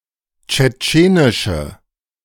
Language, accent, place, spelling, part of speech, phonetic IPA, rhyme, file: German, Germany, Berlin, tschetschenische, adjective, [t͡ʃɛˈt͡ʃeːnɪʃə], -eːnɪʃə, De-tschetschenische.ogg
- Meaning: inflection of tschetschenisch: 1. strong/mixed nominative/accusative feminine singular 2. strong nominative/accusative plural 3. weak nominative all-gender singular